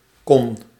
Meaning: con-
- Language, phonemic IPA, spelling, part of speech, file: Dutch, /kɔn/, con-, prefix, Nl-con-.ogg